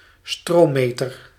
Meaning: ammeter, current meter
- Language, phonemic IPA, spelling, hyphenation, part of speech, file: Dutch, /ˈstroːˌmeː.tər/, stroommeter, stroom‧me‧ter, noun, Nl-stroommeter.ogg